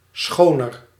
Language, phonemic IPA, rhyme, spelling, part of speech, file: Dutch, /ˈsxoː.nər/, -oːnər, schoner, adjective, Nl-schoner.ogg
- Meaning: 1. comparative degree of schoon 2. inflection of schoon: feminine genitive singular 3. inflection of schoon: genitive plural